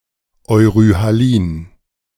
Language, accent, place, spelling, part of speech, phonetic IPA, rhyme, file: German, Germany, Berlin, euryhalin, adjective, [ɔɪ̯ʁyhaˈliːn], -iːn, De-euryhalin.ogg
- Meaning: euryhaline